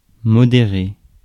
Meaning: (adjective) moderate; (verb) past participle of modérer
- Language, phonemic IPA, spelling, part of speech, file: French, /mɔ.de.ʁe/, modéré, adjective / verb, Fr-modéré.ogg